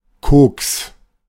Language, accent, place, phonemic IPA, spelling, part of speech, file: German, Germany, Berlin, /koːks/, Koks, noun, De-Koks.ogg
- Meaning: 1. coke (fuel) 2. (ready) cash 3. coke (cocaine) 4. stiff hat 5. glass of rum with diced sugar and a coffee bean 6. nonsense